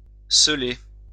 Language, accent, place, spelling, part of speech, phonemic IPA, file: French, France, Lyon, celer, verb, /sə.le/, LL-Q150 (fra)-celer.wav
- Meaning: to conceal, hide